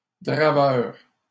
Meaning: log-driver, river driver
- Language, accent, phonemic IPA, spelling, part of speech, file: French, Canada, /dʁa.vœʁ/, draveur, noun, LL-Q150 (fra)-draveur.wav